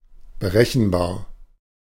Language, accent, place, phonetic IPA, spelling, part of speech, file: German, Germany, Berlin, [bəˈʁɛçn̩ˌbaːɐ̯], berechenbar, adjective, De-berechenbar.ogg
- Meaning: 1. calculable 2. predictable